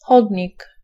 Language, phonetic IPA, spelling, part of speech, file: Polish, [ˈxɔdʲɲik], chodnik, noun, Pl-chodnik.ogg